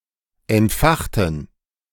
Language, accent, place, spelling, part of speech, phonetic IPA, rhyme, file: German, Germany, Berlin, entfachten, adjective / verb, [ɛntˈfaxtn̩], -axtn̩, De-entfachten.ogg
- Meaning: inflection of entfachen: 1. first/third-person plural preterite 2. first/third-person plural subjunctive II